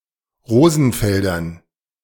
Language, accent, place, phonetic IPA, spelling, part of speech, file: German, Germany, Berlin, [ˈʁoːzn̩ˌfɛldɐn], Rosenfeldern, noun, De-Rosenfeldern.ogg
- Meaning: dative plural of Rosenfeld